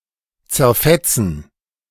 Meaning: to tear apart, to lacerate, to shred
- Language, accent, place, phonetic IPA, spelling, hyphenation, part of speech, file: German, Germany, Berlin, [tsɛɐ̯ˈfɛtsn̩], zerfetzen, zer‧fet‧zen, verb, De-zerfetzen.ogg